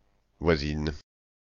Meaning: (noun) female equivalent of voisin; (adjective) feminine singular of voisin; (verb) inflection of voisiner: first/third-person singular present indicative/subjunctive
- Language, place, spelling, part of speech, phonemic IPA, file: French, Paris, voisine, noun / adjective / verb, /vwa.zin/, Fr-voisine.oga